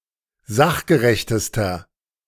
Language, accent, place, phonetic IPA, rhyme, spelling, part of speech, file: German, Germany, Berlin, [ˈzaxɡəʁɛçtəstɐ], -axɡəʁɛçtəstɐ, sachgerechtester, adjective, De-sachgerechtester.ogg
- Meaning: inflection of sachgerecht: 1. strong/mixed nominative masculine singular superlative degree 2. strong genitive/dative feminine singular superlative degree 3. strong genitive plural superlative degree